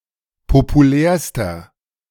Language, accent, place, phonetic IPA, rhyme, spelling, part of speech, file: German, Germany, Berlin, [popuˈlɛːɐ̯stɐ], -ɛːɐ̯stɐ, populärster, adjective, De-populärster.ogg
- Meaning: inflection of populär: 1. strong/mixed nominative masculine singular superlative degree 2. strong genitive/dative feminine singular superlative degree 3. strong genitive plural superlative degree